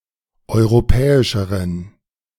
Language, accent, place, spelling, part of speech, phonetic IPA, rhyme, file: German, Germany, Berlin, europäischeren, adjective, [ˌɔɪ̯ʁoˈpɛːɪʃəʁən], -ɛːɪʃəʁən, De-europäischeren.ogg
- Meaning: inflection of europäisch: 1. strong genitive masculine/neuter singular comparative degree 2. weak/mixed genitive/dative all-gender singular comparative degree